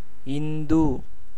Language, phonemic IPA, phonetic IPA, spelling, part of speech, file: Tamil, /ɪnd̪ɯ/, [ɪn̪d̪ɯ], இந்து, noun, Ta-இந்து.ogg
- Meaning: 1. a Hindu; a person adhering to Hinduism 2. moon (specifically the Earth's moon)